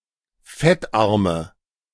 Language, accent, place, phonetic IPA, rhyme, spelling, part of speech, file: German, Germany, Berlin, [ˈfɛtˌʔaʁmə], -ɛtʔaʁmə, fettarme, adjective, De-fettarme.ogg
- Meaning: inflection of fettarm: 1. strong/mixed nominative/accusative feminine singular 2. strong nominative/accusative plural 3. weak nominative all-gender singular 4. weak accusative feminine/neuter singular